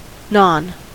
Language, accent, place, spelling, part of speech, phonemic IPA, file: English, US, California, non, adverb / noun, /nɑn/, En-us-non.ogg
- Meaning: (adverb) 1. Obsolete form of none 2. Used to negate or invert the meaning of the following adjective. More properly written as the prefix non-; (noun) 1. A non-Muslim citizen 2. A nonwhite person